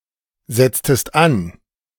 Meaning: inflection of ansetzen: 1. second-person singular preterite 2. second-person singular subjunctive II
- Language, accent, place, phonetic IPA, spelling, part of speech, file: German, Germany, Berlin, [ˌzɛt͡stəst ˈan], setztest an, verb, De-setztest an.ogg